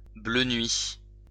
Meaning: of a midnight blue colour
- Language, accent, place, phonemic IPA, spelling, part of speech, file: French, France, Lyon, /blø nɥi/, bleu nuit, adjective, LL-Q150 (fra)-bleu nuit.wav